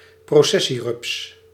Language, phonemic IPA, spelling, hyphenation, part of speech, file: Dutch, /proːˈsɛ.siˌrʏps/, processierups, pro‧ces‧sie‧rups, noun, Nl-processierups.ogg
- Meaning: processionary caterpillar, caterpillar of the family Thaumetopoeidae